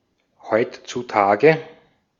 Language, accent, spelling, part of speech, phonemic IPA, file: German, Austria, heutzutage, adverb, /ˈhɔʏ̯.tsuˌtaːɡə/, De-at-heutzutage.ogg
- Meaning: nowadays, these days (in the present era; in the world as it is today)